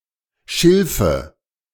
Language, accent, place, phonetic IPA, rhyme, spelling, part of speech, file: German, Germany, Berlin, [ˈʃɪlfə], -ɪlfə, Schilfe, noun, De-Schilfe.ogg
- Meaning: nominative/accusative/genitive plural of Schilf